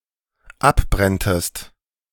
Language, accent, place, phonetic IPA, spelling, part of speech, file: German, Germany, Berlin, [ˈapˌbʁɛntəst], abbrenntest, verb, De-abbrenntest.ogg
- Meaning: second-person singular dependent subjunctive II of abbrennen